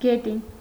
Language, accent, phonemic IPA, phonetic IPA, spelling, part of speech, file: Armenian, Eastern Armenian, /ɡeˈtin/, [ɡetín], գետին, noun, Hy-գետին.ogg
- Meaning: ground, earth, soil